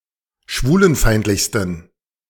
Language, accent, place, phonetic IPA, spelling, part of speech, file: German, Germany, Berlin, [ˈʃvuːlənˌfaɪ̯ntlɪçstn̩], schwulenfeindlichsten, adjective, De-schwulenfeindlichsten.ogg
- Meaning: 1. superlative degree of schwulenfeindlich 2. inflection of schwulenfeindlich: strong genitive masculine/neuter singular superlative degree